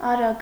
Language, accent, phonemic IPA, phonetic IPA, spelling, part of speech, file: Armenian, Eastern Armenian, /ɑˈɾɑɡ/, [ɑɾɑ́ɡ], արագ, adjective / adverb, Hy-արագ.oga
- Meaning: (adjective) fast; quick; swift; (adverb) fast, quickly, rapidly